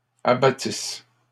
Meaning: third-person plural imperfect subjunctive of abattre
- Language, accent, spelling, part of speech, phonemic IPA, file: French, Canada, abattissent, verb, /a.ba.tis/, LL-Q150 (fra)-abattissent.wav